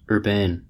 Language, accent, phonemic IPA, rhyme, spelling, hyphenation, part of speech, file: English, General American, /ˈɝˈbeɪn/, -eɪn, urbane, urb‧ane, adjective, En-us-urbane.ogg
- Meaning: 1. Of a person (usually a man): having refined manners; courteous, polite, suave 2. Of an act, expression, etc.: suited to a person of refined manners; elegant, sophisticated